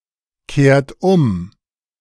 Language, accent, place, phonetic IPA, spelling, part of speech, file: German, Germany, Berlin, [ˌkeːɐ̯t ˈʊm], kehrt um, verb, De-kehrt um.ogg
- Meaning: inflection of umkehren: 1. third-person singular present 2. second-person plural present 3. plural imperative